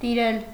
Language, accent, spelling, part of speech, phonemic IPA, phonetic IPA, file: Armenian, Eastern Armenian, տիրել, verb, /tiˈɾel/, [tiɾél], Hy-տիրել.ogg
- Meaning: to dominate, rule over, reign over, lord over